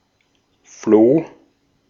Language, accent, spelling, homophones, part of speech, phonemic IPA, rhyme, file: German, Austria, Floh, Flo / floh, noun, /floː/, -oː, De-at-Floh.ogg
- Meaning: flea (parasitic insect)